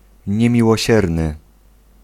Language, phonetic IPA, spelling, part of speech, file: Polish, [ˌɲɛ̃mʲiwɔˈɕɛrnɨ], niemiłosierny, adjective, Pl-niemiłosierny.ogg